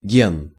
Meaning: gene (unit of heredity)
- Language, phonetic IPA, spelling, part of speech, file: Russian, [ɡʲen], ген, noun, Ru-ген.ogg